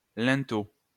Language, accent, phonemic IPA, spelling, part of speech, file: French, France, /lɛ̃.to/, linteau, noun, LL-Q150 (fra)-linteau.wav
- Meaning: lintel (a horizontal structural beam)